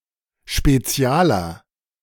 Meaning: 1. comparative degree of spezial 2. inflection of spezial: strong/mixed nominative masculine singular 3. inflection of spezial: strong genitive/dative feminine singular
- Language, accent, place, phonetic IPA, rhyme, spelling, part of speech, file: German, Germany, Berlin, [ʃpeˈt͡si̯aːlɐ], -aːlɐ, spezialer, adjective, De-spezialer.ogg